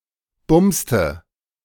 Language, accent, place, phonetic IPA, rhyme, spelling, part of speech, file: German, Germany, Berlin, [ˈbʊmstə], -ʊmstə, bumste, verb, De-bumste.ogg
- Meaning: inflection of bumsen: 1. first/third-person singular preterite 2. first/third-person singular subjunctive II